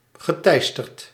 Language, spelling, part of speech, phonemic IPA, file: Dutch, geteisterd, verb, /ɣəˈtɛistərt/, Nl-geteisterd.ogg
- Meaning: past participle of teisteren